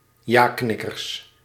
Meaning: plural of jaknikker
- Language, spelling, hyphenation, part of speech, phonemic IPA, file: Dutch, jaknikkers, ja‧knik‧kers, noun, /ˈjaːknɪkərs/, Nl-jaknikkers.ogg